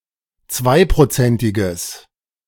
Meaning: strong/mixed nominative/accusative neuter singular of zweiprozentig
- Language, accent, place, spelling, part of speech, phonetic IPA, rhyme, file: German, Germany, Berlin, zweiprozentiges, adjective, [ˈt͡svaɪ̯pʁoˌt͡sɛntɪɡəs], -aɪ̯pʁot͡sɛntɪɡəs, De-zweiprozentiges.ogg